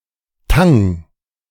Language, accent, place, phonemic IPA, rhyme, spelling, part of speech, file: German, Germany, Berlin, /taŋ/, -aŋ, Tang, noun, De-Tang.ogg
- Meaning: seaweed